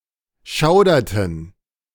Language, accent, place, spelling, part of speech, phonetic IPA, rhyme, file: German, Germany, Berlin, schauderten, verb, [ˈʃaʊ̯dɐtn̩], -aʊ̯dɐtn̩, De-schauderten.ogg
- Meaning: inflection of schaudern: 1. first/third-person plural preterite 2. first/third-person plural subjunctive II